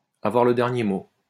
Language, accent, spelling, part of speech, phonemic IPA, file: French, France, avoir le dernier mot, verb, /a.vwaʁ lə dɛʁ.nje mo/, LL-Q150 (fra)-avoir le dernier mot.wav
- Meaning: to have the last word